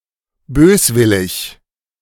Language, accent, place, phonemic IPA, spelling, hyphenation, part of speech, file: German, Germany, Berlin, /ˈbøːsˌvɪlɪç/, böswillig, bös‧wil‧lig, adjective, De-böswillig.ogg
- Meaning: 1. malevolent 2. malicious 3. malignant